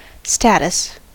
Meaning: 1. A person’s condition, position or standing relative to that of others 2. Prestige or high standing 3. A situation or state of affairs 4. The legal condition of a person or thing
- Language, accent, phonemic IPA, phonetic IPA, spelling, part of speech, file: English, US, /ˈstæt.əs/, [ˈstæɾ.əs], status, noun, En-us-status.ogg